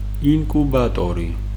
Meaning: hatchery, incubator
- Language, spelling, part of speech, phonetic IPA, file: Georgian, ინკუბატორი, noun, [iŋkʼubätʼo̞ɾi], Ka-ინკუბატორი.ogg